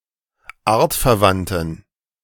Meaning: inflection of artverwandt: 1. strong genitive masculine/neuter singular 2. weak/mixed genitive/dative all-gender singular 3. strong/weak/mixed accusative masculine singular 4. strong dative plural
- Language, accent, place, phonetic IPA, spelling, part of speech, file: German, Germany, Berlin, [ˈaːɐ̯tfɛɐ̯ˌvantn̩], artverwandten, adjective, De-artverwandten.ogg